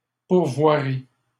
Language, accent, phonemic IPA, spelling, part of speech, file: French, Canada, /puʁ.vwa.ʁi/, pourvoirie, noun, LL-Q150 (fra)-pourvoirie.wav
- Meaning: outfitter